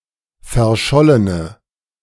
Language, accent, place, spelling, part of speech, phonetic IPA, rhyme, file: German, Germany, Berlin, verschollene, adjective, [fɛɐ̯ˈʃɔlənə], -ɔlənə, De-verschollene.ogg
- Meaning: inflection of verschollen: 1. strong/mixed nominative/accusative feminine singular 2. strong nominative/accusative plural 3. weak nominative all-gender singular